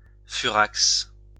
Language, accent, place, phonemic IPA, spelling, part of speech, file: French, France, Lyon, /fy.ʁaks/, furax, adjective, LL-Q150 (fra)-furax.wav
- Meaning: furious